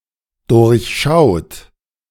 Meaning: inflection of durchschauen: 1. third-person singular dependent present 2. second-person plural dependent present
- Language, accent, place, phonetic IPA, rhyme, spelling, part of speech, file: German, Germany, Berlin, [dʊʁçˈʃaʊ̯t], -aʊ̯t, durchschaut, verb, De-durchschaut.ogg